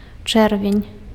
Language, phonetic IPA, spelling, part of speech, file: Belarusian, [ˈt͡ʂɛrvʲenʲ], чэрвень, noun, Be-чэрвень.ogg
- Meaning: June